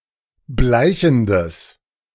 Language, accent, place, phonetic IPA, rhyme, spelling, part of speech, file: German, Germany, Berlin, [ˈblaɪ̯çn̩dəs], -aɪ̯çn̩dəs, bleichendes, adjective, De-bleichendes.ogg
- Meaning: strong/mixed nominative/accusative neuter singular of bleichend